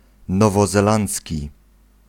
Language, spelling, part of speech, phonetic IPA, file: Polish, nowozelandzki, adjective, [ˌnɔvɔzɛˈlãnt͡sʲci], Pl-nowozelandzki.ogg